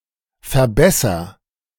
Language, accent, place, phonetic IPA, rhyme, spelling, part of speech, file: German, Germany, Berlin, [fɛɐ̯ˈbɛsɐ], -ɛsɐ, verbesser, verb, De-verbesser.ogg
- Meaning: inflection of verbessern: 1. first-person singular present 2. singular imperative